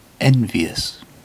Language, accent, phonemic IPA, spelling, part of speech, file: English, UK, /ˈɛnviːəs/, envious, adjective, En-uk-envious.ogg
- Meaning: 1. Feeling or exhibiting envy; jealously desiring the excellence or good fortune of another; maliciously grudging 2. Excessively careful; cautious 3. Malignant; mischievous; spiteful 4. Inspiring envy